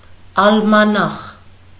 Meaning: almanac
- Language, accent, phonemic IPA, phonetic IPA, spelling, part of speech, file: Armenian, Eastern Armenian, /ɑlmɑˈnɑχ/, [ɑlmɑnɑ́χ], ալմանախ, noun, Hy-ալմանախ.ogg